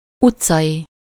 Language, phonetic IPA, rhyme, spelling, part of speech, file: Hungarian, [ˈut͡sːɒji], -ji, utcai, adjective, Hu-utcai.ogg
- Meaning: street